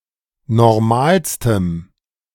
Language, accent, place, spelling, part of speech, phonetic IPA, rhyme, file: German, Germany, Berlin, normalstem, adjective, [nɔʁˈmaːlstəm], -aːlstəm, De-normalstem.ogg
- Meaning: strong dative masculine/neuter singular superlative degree of normal